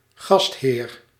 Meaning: 1. host (someone who receives guests) 2. host organism (organism that hosts another organism, such as a parasite) 3. host (smartly dressed, presentable employee who welcomes and aids guests at events)
- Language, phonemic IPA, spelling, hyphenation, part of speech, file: Dutch, /ˈɣɑst.ɦeːr/, gastheer, gast‧heer, noun, Nl-gastheer.ogg